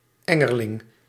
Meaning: larva of a scarab beetle (family Scarabaeidae)
- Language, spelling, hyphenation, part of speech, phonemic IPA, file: Dutch, engerling, en‧ger‧ling, noun, /ˈɛ.ŋərˌlɪŋ/, Nl-engerling.ogg